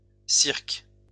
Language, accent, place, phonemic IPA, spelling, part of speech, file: French, France, Lyon, /siʁk/, cirques, noun, LL-Q150 (fra)-cirques.wav
- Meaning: plural of cirque